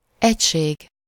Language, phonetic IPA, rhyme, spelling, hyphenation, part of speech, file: Hungarian, [ˈɛcʃeːɡ], -eːɡ, egység, egy‧ség, noun, Hu-egység.ogg
- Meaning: 1. unit (a standard measure of a quantity) 2. device 3. item 4. unity, oneness, whole 5. unity, integrity 6. squad, unit, troops